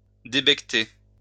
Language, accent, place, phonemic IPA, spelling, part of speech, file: French, France, Lyon, /de.bɛk.te/, débequeter, verb, LL-Q150 (fra)-débequeter.wav
- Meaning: alternative form of débecter